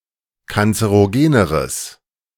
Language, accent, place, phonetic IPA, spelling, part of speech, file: German, Germany, Berlin, [kant͡səʁoˈɡeːnəʁəs], kanzerogeneres, adjective, De-kanzerogeneres.ogg
- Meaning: strong/mixed nominative/accusative neuter singular comparative degree of kanzerogen